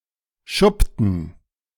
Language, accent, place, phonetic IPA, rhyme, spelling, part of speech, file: German, Germany, Berlin, [ˈʃʊptn̩], -ʊptn̩, schuppten, verb, De-schuppten.ogg
- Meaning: inflection of schuppen: 1. first/third-person plural preterite 2. first/third-person plural subjunctive II